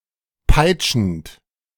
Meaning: present participle of peitschen
- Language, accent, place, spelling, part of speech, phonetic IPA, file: German, Germany, Berlin, peitschend, verb, [ˈpaɪ̯t͡ʃn̩t], De-peitschend.ogg